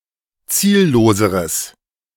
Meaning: strong/mixed nominative/accusative neuter singular comparative degree of ziellos
- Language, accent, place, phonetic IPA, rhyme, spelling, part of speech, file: German, Germany, Berlin, [ˈt͡siːlloːzəʁəs], -iːlloːzəʁəs, zielloseres, adjective, De-zielloseres.ogg